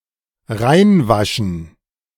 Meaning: 1. to cleanse 2. to whitewash
- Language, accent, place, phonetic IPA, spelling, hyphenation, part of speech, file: German, Germany, Berlin, [ˈʁaɪ̯nˌvaʃn̩], reinwaschen, rein‧wa‧schen, verb, De-reinwaschen.ogg